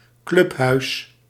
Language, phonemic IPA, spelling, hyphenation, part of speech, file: Dutch, /ˈklʏp.ɦœy̯s/, clubhuis, club‧huis, noun, Nl-clubhuis.ogg
- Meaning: clubhouse (building where an association is based)